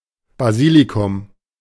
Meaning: basil
- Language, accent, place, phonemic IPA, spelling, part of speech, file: German, Germany, Berlin, /baˈziːlikʊm/, Basilikum, noun, De-Basilikum.ogg